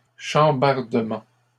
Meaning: plural of chambardement
- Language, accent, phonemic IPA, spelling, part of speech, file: French, Canada, /ʃɑ̃.baʁ.də.mɑ̃/, chambardements, noun, LL-Q150 (fra)-chambardements.wav